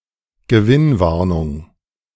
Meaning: profit warning
- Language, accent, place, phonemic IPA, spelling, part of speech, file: German, Germany, Berlin, /ɡəˈvɪnˌvaʁnʊŋ/, Gewinnwarnung, noun, De-Gewinnwarnung2.ogg